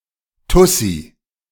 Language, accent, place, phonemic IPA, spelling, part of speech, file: German, Germany, Berlin, /ˈtʊsi/, Tussi, noun, De-Tussi.ogg
- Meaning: 1. a woman who is superficial and overly concerned with her looks, a bimbo 2. broad, any woman